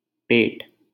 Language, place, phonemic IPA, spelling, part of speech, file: Hindi, Delhi, /peːʈ/, पेट, noun, LL-Q1568 (hin)-पेट.wav
- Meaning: 1. belly, stomach 2. womb